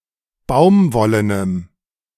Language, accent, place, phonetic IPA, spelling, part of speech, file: German, Germany, Berlin, [ˈbaʊ̯mˌvɔlənəm], baumwollenem, adjective, De-baumwollenem.ogg
- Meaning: strong dative masculine/neuter singular of baumwollen